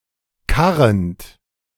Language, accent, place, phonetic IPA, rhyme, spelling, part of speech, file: German, Germany, Berlin, [ˈkaʁənt], -aʁənt, karrend, verb, De-karrend.ogg
- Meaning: present participle of karren